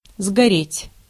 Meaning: 1. to burn out (to finish burning out), to burn down 2. to be burned, be used up 3. to burn (intransitive) 4. to burn oneself out
- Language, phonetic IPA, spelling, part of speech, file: Russian, [zɡɐˈrʲetʲ], сгореть, verb, Ru-сгореть.ogg